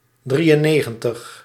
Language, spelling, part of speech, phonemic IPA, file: Dutch, drieënnegentig, numeral, /ˈdri.ə(n)ˌneː.ɣə(n).təx/, Nl-drieënnegentig.ogg
- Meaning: ninety-three